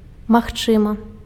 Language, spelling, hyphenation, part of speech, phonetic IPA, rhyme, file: Belarusian, магчымы, маг‧чы‧мы, adjective, [maxˈt͡ʂɨmɨ], -ɨmɨ, Be-магчымы.ogg
- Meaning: 1. possible (which can happen, occur) 2. possible (which can be accomplished, carried out)